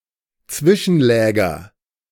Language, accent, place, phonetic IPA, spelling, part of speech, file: German, Germany, Berlin, [ˈt͡svɪʃn̩ˌlɛːɡɐ], Zwischenläger, noun, De-Zwischenläger.ogg
- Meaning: nominative/accusative/genitive plural of Zwischenlager